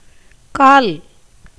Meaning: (noun) 1. leg 2. foot 3. one-fourth, quarter; the fraction ¼ 4. base, bottom 5. stem, as of a flower 6. prop, support 7. name of the symbol ா 8. peg, pin, stake 9. post 10. place of origin, source
- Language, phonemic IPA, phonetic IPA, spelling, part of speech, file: Tamil, /kɑːl/, [käːl], கால், noun / conjunction, Ta-கால்.ogg